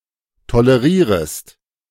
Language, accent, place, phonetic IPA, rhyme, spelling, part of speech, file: German, Germany, Berlin, [toləˈʁiːʁəst], -iːʁəst, tolerierest, verb, De-tolerierest.ogg
- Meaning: second-person singular subjunctive I of tolerieren